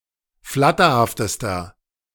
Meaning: inflection of flatterhaft: 1. strong/mixed nominative masculine singular superlative degree 2. strong genitive/dative feminine singular superlative degree 3. strong genitive plural superlative degree
- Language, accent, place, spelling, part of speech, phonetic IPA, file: German, Germany, Berlin, flatterhaftester, adjective, [ˈflatɐhaftəstɐ], De-flatterhaftester.ogg